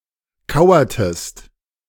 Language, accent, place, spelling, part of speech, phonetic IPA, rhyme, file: German, Germany, Berlin, kauertest, verb, [ˈkaʊ̯ɐtəst], -aʊ̯ɐtəst, De-kauertest.ogg
- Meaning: inflection of kauern: 1. second-person singular preterite 2. second-person singular subjunctive II